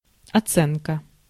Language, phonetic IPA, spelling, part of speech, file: Russian, [ɐˈt͡sɛnkə], оценка, noun, Ru-оценка.ogg
- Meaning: 1. valuation, appraisal, feedback 2. estimation, appreciation 3. mark, grade (where 5 = A, 1 = F)